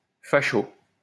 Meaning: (adjective) fashy (relating to fascism); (noun) fash (a fascist or member of the far-right)
- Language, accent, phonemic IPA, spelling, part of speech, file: French, France, /fa.ʃo/, facho, adjective / noun, LL-Q150 (fra)-facho.wav